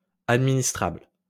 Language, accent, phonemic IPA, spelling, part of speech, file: French, France, /ad.mi.nis.tʁabl/, administrable, adjective, LL-Q150 (fra)-administrable.wav
- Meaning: administrable